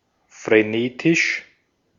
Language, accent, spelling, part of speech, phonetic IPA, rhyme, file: German, Austria, frenetisch, adjective, [fʁeˈneːtɪʃ], -eːtɪʃ, De-at-frenetisch.ogg
- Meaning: frenetic